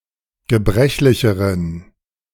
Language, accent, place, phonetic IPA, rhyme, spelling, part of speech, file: German, Germany, Berlin, [ɡəˈbʁɛçlɪçəʁən], -ɛçlɪçəʁən, gebrechlicheren, adjective, De-gebrechlicheren.ogg
- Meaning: inflection of gebrechlich: 1. strong genitive masculine/neuter singular comparative degree 2. weak/mixed genitive/dative all-gender singular comparative degree